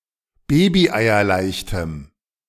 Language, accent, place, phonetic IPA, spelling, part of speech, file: German, Germany, Berlin, [ˈbeːbiʔaɪ̯ɐˌlaɪ̯çtəm], babyeierleichtem, adjective, De-babyeierleichtem.ogg
- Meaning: strong dative masculine/neuter singular of babyeierleicht